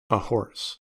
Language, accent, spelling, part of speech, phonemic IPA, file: English, US, ahorse, adverb, /əˈhɔɹs/, En-us-ahorse.ogg
- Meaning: On the back of a horse; on horseback